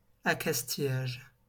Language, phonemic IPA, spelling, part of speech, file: French, /a.kas.ti.jaʒ/, accastillage, noun, LL-Q150 (fra)-accastillage.wav
- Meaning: 1. superstructure 2. topside 3. hardware